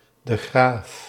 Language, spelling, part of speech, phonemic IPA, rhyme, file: Dutch, de Graaf, proper noun, /də ˈɣraːf/, -aːf, Nl-de Graaf.ogg
- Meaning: a surname